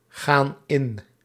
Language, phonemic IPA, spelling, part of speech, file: Dutch, /ˈɣan ˈɪn/, gaan in, verb, Nl-gaan in.ogg
- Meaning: inflection of ingaan: 1. plural present indicative 2. plural present subjunctive